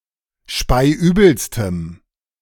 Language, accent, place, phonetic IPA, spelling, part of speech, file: German, Germany, Berlin, [ˈʃpaɪ̯ˈʔyːbl̩stəm], speiübelstem, adjective, De-speiübelstem.ogg
- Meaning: strong dative masculine/neuter singular superlative degree of speiübel